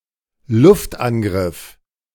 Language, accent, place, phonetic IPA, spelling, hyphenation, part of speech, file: German, Germany, Berlin, [ˈlʊftˌʔanɡʁɪf], Luftangriff, Luft‧an‧griff, noun, De-Luftangriff.ogg
- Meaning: airstrike